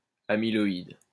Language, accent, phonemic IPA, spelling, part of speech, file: French, France, /a.mi.lɔ.id/, amyloïde, adjective, LL-Q150 (fra)-amyloïde.wav
- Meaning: amyloid